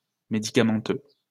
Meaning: medicinal
- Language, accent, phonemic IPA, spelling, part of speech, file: French, France, /me.di.ka.mɑ̃.tø/, médicamenteux, adjective, LL-Q150 (fra)-médicamenteux.wav